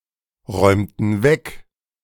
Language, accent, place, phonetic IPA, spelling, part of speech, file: German, Germany, Berlin, [ˌʁɔɪ̯mtn̩ ˈvɛk], räumten weg, verb, De-räumten weg.ogg
- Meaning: inflection of wegräumen: 1. first/third-person plural preterite 2. first/third-person plural subjunctive II